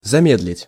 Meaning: 1. to slow down, to decelerate 2. to hold back, to delay, to retard 3. in expressions
- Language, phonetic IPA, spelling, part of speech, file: Russian, [zɐˈmʲedlʲɪtʲ], замедлить, verb, Ru-замедлить.ogg